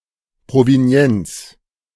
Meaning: provenance
- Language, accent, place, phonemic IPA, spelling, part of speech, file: German, Germany, Berlin, /pʁoveˈni̯ɛnt͡s/, Provenienz, noun, De-Provenienz.ogg